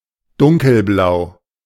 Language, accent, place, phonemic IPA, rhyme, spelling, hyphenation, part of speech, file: German, Germany, Berlin, /ˈdʊŋkəlˌblaʊ̯/, -aʊ̯, dunkelblau, dun‧kel‧blau, adjective, De-dunkelblau.ogg
- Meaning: 1. dark blue 2. blue-black